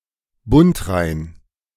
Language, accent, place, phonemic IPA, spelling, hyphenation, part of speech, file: German, Germany, Berlin, /ˈbʊntʁaɪ̯n/, bundrein, bund‧rein, adjective, De-bundrein.ogg
- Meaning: having the frets placed exactly right so that each note is in tune